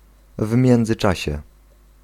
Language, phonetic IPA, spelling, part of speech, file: Polish, [ˌv‿mʲjɛ̃nd͡zɨˈt͡ʃaɕɛ], w międzyczasie, phrase, Pl-w międzyczasie.ogg